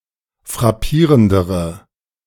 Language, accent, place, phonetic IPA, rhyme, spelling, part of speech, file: German, Germany, Berlin, [fʁaˈpiːʁəndəʁə], -iːʁəndəʁə, frappierendere, adjective, De-frappierendere.ogg
- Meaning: inflection of frappierend: 1. strong/mixed nominative/accusative feminine singular comparative degree 2. strong nominative/accusative plural comparative degree